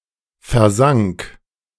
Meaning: first/third-person singular preterite of versinken
- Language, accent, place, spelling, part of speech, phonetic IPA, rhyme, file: German, Germany, Berlin, versank, verb, [fɛɐ̯ˈzaŋk], -aŋk, De-versank.ogg